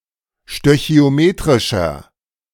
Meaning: inflection of stöchiometrisch: 1. strong/mixed nominative masculine singular 2. strong genitive/dative feminine singular 3. strong genitive plural
- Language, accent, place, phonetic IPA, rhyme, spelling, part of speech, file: German, Germany, Berlin, [ʃtøçi̯oˈmeːtʁɪʃɐ], -eːtʁɪʃɐ, stöchiometrischer, adjective, De-stöchiometrischer.ogg